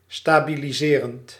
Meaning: present participle of stabiliseren
- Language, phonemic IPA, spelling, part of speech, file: Dutch, /ˌstabiliˈzerənt/, stabiliserend, verb / adjective, Nl-stabiliserend.ogg